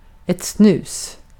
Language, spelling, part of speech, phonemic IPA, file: Swedish, snus, noun, /snʉ̟ːs/, Sv-snus.ogg
- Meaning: snus (type of (unfermented) tobacco snuff consumed in the form of a moist powder which is placed under the (usually upper) lip, without chewing, for extended periods of time)